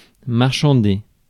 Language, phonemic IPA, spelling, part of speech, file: French, /maʁ.ʃɑ̃.de/, marchander, verb, Fr-marchander.ogg
- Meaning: 1. to bargain over, to haggle over 2. to haggle, to dicker